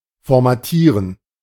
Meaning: to format
- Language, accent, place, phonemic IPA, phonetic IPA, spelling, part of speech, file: German, Germany, Berlin, /fɔʁmaˈtiːʁən/, [fɔɐ̯maˈtiːɐ̯n], formatieren, verb, De-formatieren.ogg